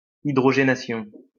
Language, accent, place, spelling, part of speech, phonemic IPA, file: French, France, Lyon, hydrogénation, noun, /i.dʁɔ.ʒe.na.sjɔ̃/, LL-Q150 (fra)-hydrogénation.wav
- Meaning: hydrogenation